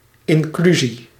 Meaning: 1. inclusion, integration, the act of including people who were previously excluded 2. inclusion, envelope structure
- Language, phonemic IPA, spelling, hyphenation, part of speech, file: Dutch, /ˌɪnˈkly.zi/, inclusie, in‧clu‧sie, noun, Nl-inclusie.ogg